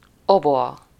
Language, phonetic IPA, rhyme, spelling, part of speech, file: Hungarian, [ˈoboɒ], -ɒ, oboa, noun, Hu-oboa.ogg
- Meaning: oboe